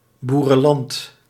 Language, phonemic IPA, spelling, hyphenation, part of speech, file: Dutch, /ˌbu.rə(n)ˈlɑnt/, boerenland, boe‧ren‧land, noun, Nl-boerenland.ogg
- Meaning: farmland, agricultural land